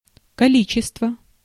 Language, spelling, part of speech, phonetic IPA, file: Russian, количество, noun, [kɐˈlʲit͡ɕɪstvə], Ru-количество.ogg
- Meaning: quantity, number, amount